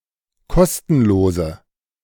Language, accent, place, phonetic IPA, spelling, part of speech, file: German, Germany, Berlin, [ˈkɔstn̩loːzə], kostenlose, adjective, De-kostenlose.ogg
- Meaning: inflection of kostenlos: 1. strong/mixed nominative/accusative feminine singular 2. strong nominative/accusative plural 3. weak nominative all-gender singular